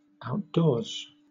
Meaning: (adverb) Not inside a house or under covered structure; unprotected; in the open air; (noun) The environment outside of enclosed structures
- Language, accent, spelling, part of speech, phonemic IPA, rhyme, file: English, Southern England, outdoors, adverb / noun / verb, /aʊtˈdɔː(ɹ)z/, -ɔː(ɹ)z, LL-Q1860 (eng)-outdoors.wav